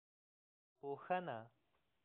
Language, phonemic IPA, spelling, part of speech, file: Pashto, /pohəna/, پوهنه, noun, Pohana.ogg
- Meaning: science, knowledge